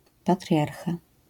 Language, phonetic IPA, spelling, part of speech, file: Polish, [paˈtrʲjarxa], patriarcha, noun, LL-Q809 (pol)-patriarcha.wav